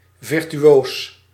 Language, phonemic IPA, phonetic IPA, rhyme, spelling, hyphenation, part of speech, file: Dutch, /ˌvɪr.tyˈoːs/, [ˌvɪr.tyˈɥoːs], -oːs, virtuoos, vir‧tu‧oos, noun / adjective, Nl-virtuoos.ogg
- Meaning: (noun) virtuoso; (adjective) brilliant, talented